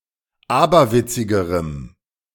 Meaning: strong dative masculine/neuter singular comparative degree of aberwitzig
- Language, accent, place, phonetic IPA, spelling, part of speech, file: German, Germany, Berlin, [ˈaːbɐˌvɪt͡sɪɡəʁəm], aberwitzigerem, adjective, De-aberwitzigerem.ogg